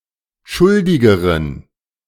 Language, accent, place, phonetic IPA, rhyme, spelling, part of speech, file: German, Germany, Berlin, [ˈʃʊldɪɡəʁən], -ʊldɪɡəʁən, schuldigeren, adjective, De-schuldigeren.ogg
- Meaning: inflection of schuldig: 1. strong genitive masculine/neuter singular comparative degree 2. weak/mixed genitive/dative all-gender singular comparative degree